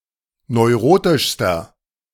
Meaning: inflection of neurotisch: 1. strong/mixed nominative masculine singular superlative degree 2. strong genitive/dative feminine singular superlative degree 3. strong genitive plural superlative degree
- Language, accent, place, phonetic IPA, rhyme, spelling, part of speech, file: German, Germany, Berlin, [nɔɪ̯ˈʁoːtɪʃstɐ], -oːtɪʃstɐ, neurotischster, adjective, De-neurotischster.ogg